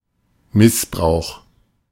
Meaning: 1. abuse, cruel treatment (not in the sense of “verbal abuse, insult”) 2. misuse, wrong use
- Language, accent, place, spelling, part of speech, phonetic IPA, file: German, Germany, Berlin, Missbrauch, noun, [ˈmɪsˌbʁaʊ̯x], De-Missbrauch.ogg